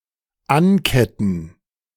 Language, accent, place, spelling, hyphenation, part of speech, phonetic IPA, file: German, Germany, Berlin, anketten, an‧ket‧ten, verb, [ˈanˌkɛtn̩], De-anketten.ogg
- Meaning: 1. to chain 2. to chain up